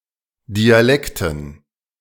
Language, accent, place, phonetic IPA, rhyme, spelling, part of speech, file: German, Germany, Berlin, [diaˈlɛktn̩], -ɛktn̩, Dialekten, noun, De-Dialekten.ogg
- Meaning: dative plural of Dialekt